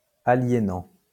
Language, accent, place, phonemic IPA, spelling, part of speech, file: French, France, Lyon, /a.lje.nɑ̃/, aliénant, verb, LL-Q150 (fra)-aliénant.wav
- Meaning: present participle of aliéner